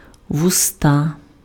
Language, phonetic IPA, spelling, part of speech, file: Ukrainian, [wʊˈsta], вуста, noun, Uk-вуста.ogg
- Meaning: mouth, lips